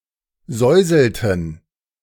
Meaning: inflection of säuseln: 1. first/third-person plural preterite 2. first/third-person plural subjunctive II
- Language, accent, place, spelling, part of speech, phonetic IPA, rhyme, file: German, Germany, Berlin, säuselten, verb, [ˈzɔɪ̯zl̩tn̩], -ɔɪ̯zl̩tn̩, De-säuselten.ogg